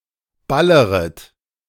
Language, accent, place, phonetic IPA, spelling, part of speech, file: German, Germany, Berlin, [ˈbaləʁət], balleret, verb, De-balleret.ogg
- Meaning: second-person plural subjunctive I of ballern